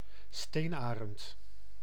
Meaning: golden eagle (Aquila chrysaetos)
- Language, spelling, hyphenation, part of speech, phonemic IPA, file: Dutch, steenarend, steen‧arend, noun, /ˈsteːnˌaː.rənt/, Nl-steenarend.ogg